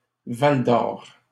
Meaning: a city in La Vallée-de-l'Or Regional County Municipality, Abitibi-Témiscamingue, Quebec, Canada
- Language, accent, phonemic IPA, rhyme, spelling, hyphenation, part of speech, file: French, Canada, /val.d‿ɔʁ/, -ɔʁ, Val-d'Or, Val-d'Or, proper noun, LL-Q150 (fra)-Val-d'Or.wav